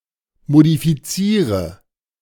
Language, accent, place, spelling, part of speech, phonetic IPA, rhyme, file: German, Germany, Berlin, modifiziere, verb, [modifiˈt͡siːʁə], -iːʁə, De-modifiziere.ogg
- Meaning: inflection of modifizieren: 1. first-person singular present 2. singular imperative 3. first/third-person singular subjunctive I